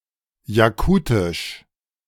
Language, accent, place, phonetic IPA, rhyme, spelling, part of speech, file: German, Germany, Berlin, [jaˈkuːtɪʃ], -uːtɪʃ, Jakutisch, noun, De-Jakutisch.ogg
- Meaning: Yakut (the Yakut language)